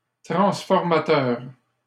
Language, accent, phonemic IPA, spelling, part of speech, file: French, Canada, /tʁɑ̃s.fɔʁ.ma.tœʁ/, transformateur, noun / adjective, LL-Q150 (fra)-transformateur.wav
- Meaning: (noun) transformer (electrical device); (adjective) transformative